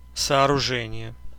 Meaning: 1. construction, building, erection (action) 2. building, structure
- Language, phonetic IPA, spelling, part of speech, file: Russian, [sɐɐrʊˈʐɛnʲɪje], сооружение, noun, Ru-сооружение.ogg